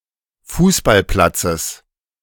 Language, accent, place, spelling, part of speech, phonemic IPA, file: German, Germany, Berlin, Fußballplatzes, noun, /ˈfuːsbalˌplatsəs/, De-Fußballplatzes.ogg
- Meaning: genitive singular of Fußballplatz